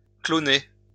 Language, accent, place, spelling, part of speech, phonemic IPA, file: French, France, Lyon, cloner, verb, /klɔ.ne/, LL-Q150 (fra)-cloner.wav
- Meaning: to clone